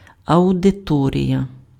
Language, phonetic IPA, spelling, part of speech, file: Ukrainian, [ɐʊdeˈtɔrʲijɐ], аудиторія, noun, Uk-аудиторія.ogg
- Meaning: 1. auditorium 2. audience